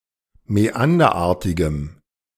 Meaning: strong dative masculine/neuter singular of mäanderartig
- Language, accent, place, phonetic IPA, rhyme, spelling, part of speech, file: German, Germany, Berlin, [mɛˈandɐˌʔaːɐ̯tɪɡəm], -andɐʔaːɐ̯tɪɡəm, mäanderartigem, adjective, De-mäanderartigem.ogg